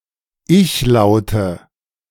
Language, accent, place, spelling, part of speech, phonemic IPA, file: German, Germany, Berlin, Ichlaute, noun, /ˈʔɪçˌlaʊ̯tə/, De-Ichlaute.ogg
- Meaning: nominative/accusative/genitive plural of Ichlaut